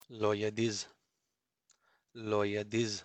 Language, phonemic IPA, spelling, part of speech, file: Pashto, /loeˈd̪id͡z/, لوېديځ, noun, لوېديځ.ogg
- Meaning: west